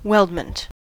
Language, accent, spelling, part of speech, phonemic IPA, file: English, US, weldment, noun, /ˈwɛldmənt/, En-us-weldment.ogg
- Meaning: A part created from an assembly of smaller components that are joined by welding